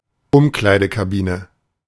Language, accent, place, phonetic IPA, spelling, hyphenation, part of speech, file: German, Germany, Berlin, [ˈʊmklaɪ̯dəkaˌbiːnə], Umkleidekabine, Um‧klei‧de‧ka‧bi‧ne, noun, De-Umkleidekabine.ogg
- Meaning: synonym of Ankleidekabine